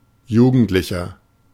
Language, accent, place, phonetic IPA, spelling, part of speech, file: German, Germany, Berlin, [ˈjuːɡn̩tlɪçɐ], jugendlicher, adjective, De-jugendlicher.ogg
- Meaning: 1. comparative degree of jugendlich 2. inflection of jugendlich: strong/mixed nominative masculine singular 3. inflection of jugendlich: strong genitive/dative feminine singular